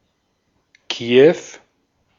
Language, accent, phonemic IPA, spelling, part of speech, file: German, Austria, /ˈkiː.ɛf/, Kiew, proper noun, De-at-Kiew.ogg
- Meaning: Kyiv (the capital city of Ukraine)